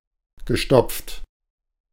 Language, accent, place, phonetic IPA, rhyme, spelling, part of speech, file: German, Germany, Berlin, [ɡəˈʃtɔp͡ft], -ɔp͡ft, gestopft, verb, De-gestopft.ogg
- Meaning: past participle of stopfen